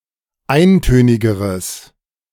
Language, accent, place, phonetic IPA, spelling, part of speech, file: German, Germany, Berlin, [ˈaɪ̯nˌtøːnɪɡəʁəs], eintönigeres, adjective, De-eintönigeres.ogg
- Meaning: strong/mixed nominative/accusative neuter singular comparative degree of eintönig